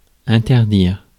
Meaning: 1. to forbid, ban, prohibit 2. to interdict
- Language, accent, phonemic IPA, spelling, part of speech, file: French, France, /ɛ̃.tɛʁ.diʁ/, interdire, verb, Fr-interdire.ogg